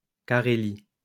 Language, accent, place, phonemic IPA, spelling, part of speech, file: French, France, Lyon, /ka.ʁe.li/, Carélie, proper noun, LL-Q150 (fra)-Carélie.wav
- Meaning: 1. Karelia (a historical region of Northern Europe, located to the north of Saint Petersburg and politically split between Russia and Finland) 2. Karelia (a republic and federal subject of Russia)